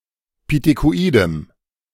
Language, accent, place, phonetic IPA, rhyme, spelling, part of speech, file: German, Germany, Berlin, [pitekoˈʔiːdəm], -iːdəm, pithekoidem, adjective, De-pithekoidem.ogg
- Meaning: strong dative masculine/neuter singular of pithekoid